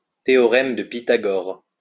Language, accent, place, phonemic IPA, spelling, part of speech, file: French, France, Lyon, /te.ɔ.ʁɛm də pi.ta.ɡɔʁ/, théorème de Pythagore, noun, LL-Q150 (fra)-théorème de Pythagore.wav
- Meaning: the Pythagorean theorem